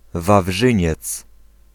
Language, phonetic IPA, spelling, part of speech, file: Polish, [vavˈʒɨ̃ɲɛt͡s], Wawrzyniec, proper noun, Pl-Wawrzyniec.ogg